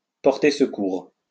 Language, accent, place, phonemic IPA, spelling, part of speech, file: French, France, Lyon, /pɔʁ.te s(ə).kuʁ/, porter secours, verb, LL-Q150 (fra)-porter secours.wav
- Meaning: to bring help to, to come to (someone's) aid, to come to (someone's) rescue, to help